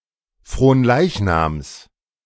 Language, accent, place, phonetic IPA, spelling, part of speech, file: German, Germany, Berlin, [fʁoːnˈlaɪ̯çnaːms], Fronleichnams, noun, De-Fronleichnams.ogg
- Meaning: genitive singular of Fronleichnam